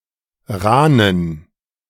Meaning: inflection of rahn: 1. strong genitive masculine/neuter singular 2. weak/mixed genitive/dative all-gender singular 3. strong/weak/mixed accusative masculine singular 4. strong dative plural
- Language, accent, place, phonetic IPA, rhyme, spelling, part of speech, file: German, Germany, Berlin, [ˈʁaːnən], -aːnən, rahnen, adjective, De-rahnen.ogg